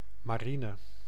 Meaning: 1. a navy 2. an armed navy (naval branch of armed forces)
- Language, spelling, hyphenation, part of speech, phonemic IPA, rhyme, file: Dutch, marine, ma‧ri‧ne, noun, /maːˈri.nə/, -inə, Nl-marine.ogg